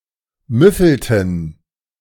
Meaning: inflection of müffeln: 1. first/third-person plural preterite 2. first/third-person plural subjunctive II
- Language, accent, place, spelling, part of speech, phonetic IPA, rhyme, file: German, Germany, Berlin, müffelten, verb, [ˈmʏfl̩tn̩], -ʏfl̩tn̩, De-müffelten.ogg